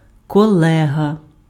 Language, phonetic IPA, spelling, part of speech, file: Ukrainian, [kɔˈɫɛɦɐ], колега, noun, Uk-колега.ogg
- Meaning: colleague